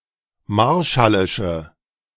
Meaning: inflection of marshallisch: 1. strong/mixed nominative/accusative feminine singular 2. strong nominative/accusative plural 3. weak nominative all-gender singular
- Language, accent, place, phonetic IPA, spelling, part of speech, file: German, Germany, Berlin, [ˈmaʁʃalɪʃə], marshallische, adjective, De-marshallische.ogg